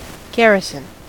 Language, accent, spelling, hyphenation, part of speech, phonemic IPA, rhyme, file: English, US, garrison, gar‧ri‧son, noun / verb, /ˈɡæɹ.ɪ.sən/, -æɹɪsən, En-us-garrison.ogg
- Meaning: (noun) 1. A permanent military post 2. The troops stationed at such a post 3. Occupants 4. A military unit, nominally headed by a colonel, equivalent to a USAF support wing, or an army regiment